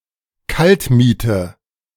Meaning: base rent
- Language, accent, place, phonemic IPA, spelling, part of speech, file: German, Germany, Berlin, /ˈkaltˌmiːtə/, Kaltmiete, noun, De-Kaltmiete.ogg